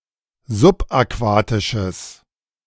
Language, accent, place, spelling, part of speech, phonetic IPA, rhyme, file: German, Germany, Berlin, subaquatisches, adjective, [zʊpʔaˈkvaːtɪʃəs], -aːtɪʃəs, De-subaquatisches.ogg
- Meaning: strong/mixed nominative/accusative neuter singular of subaquatisch